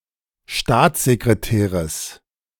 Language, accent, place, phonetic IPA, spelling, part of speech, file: German, Germany, Berlin, [ˈʃtaːt͡szekʁeˌtɛːʁəs], Staatssekretäres, noun, De-Staatssekretäres.ogg
- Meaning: genitive singular of Staatssekretär